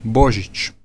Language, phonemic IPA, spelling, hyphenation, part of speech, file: Serbo-Croatian, /bǒʒit͡ɕ/, Božić, Bo‧žić, proper noun, Hr-Božić.ogg
- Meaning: 1. Christmas 2. diminutive of Bog 3. a surname